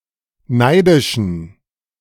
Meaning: inflection of neidisch: 1. strong genitive masculine/neuter singular 2. weak/mixed genitive/dative all-gender singular 3. strong/weak/mixed accusative masculine singular 4. strong dative plural
- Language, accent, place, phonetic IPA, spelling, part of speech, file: German, Germany, Berlin, [ˈnaɪ̯dɪʃn̩], neidischen, adjective, De-neidischen.ogg